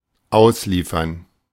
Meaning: 1. to deliver, to distribute 2. to extradite 3. to roll out
- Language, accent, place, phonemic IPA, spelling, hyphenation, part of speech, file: German, Germany, Berlin, /ˈʔaʊ̯sliːfɐn/, ausliefern, aus‧lie‧fern, verb, De-ausliefern.ogg